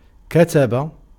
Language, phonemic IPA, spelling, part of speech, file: Arabic, /ka.ta.ba/, كتب, verb / noun, Ar-كتب.ogg
- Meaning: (verb) to mark (symbols, shapes, graphs, glyphs, letters, and the like) on a surface, to write, to inscribe: 1. to draw (figures) 2. to cut (figures)